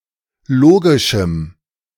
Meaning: strong dative masculine/neuter singular of logisch
- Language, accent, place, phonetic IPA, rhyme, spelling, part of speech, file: German, Germany, Berlin, [ˈloːɡɪʃm̩], -oːɡɪʃm̩, logischem, adjective, De-logischem.ogg